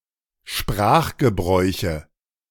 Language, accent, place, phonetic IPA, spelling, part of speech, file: German, Germany, Berlin, [ˈʃpʁaːxɡəˌbʁɔɪ̯çə], Sprachgebräuche, noun, De-Sprachgebräuche.ogg
- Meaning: nominative/accusative/genitive plural of Sprachgebrauch